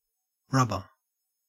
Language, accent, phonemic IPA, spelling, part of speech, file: English, Australia, /ˈɹɐbə/, rubber, noun / adjective / verb, En-au-rubber.ogg
- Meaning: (noun) Pliable material derived from the sap of the rubber tree; a hydrocarbon biopolymer of isoprene